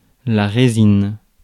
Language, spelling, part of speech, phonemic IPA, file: French, résine, noun, /ʁe.zin/, Fr-résine.ogg
- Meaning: resin, pitch, tar